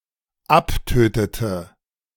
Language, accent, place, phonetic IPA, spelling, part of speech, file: German, Germany, Berlin, [ˈapˌtøːtətə], abtötete, verb, De-abtötete.ogg
- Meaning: inflection of abtöten: 1. first/third-person singular dependent preterite 2. first/third-person singular dependent subjunctive II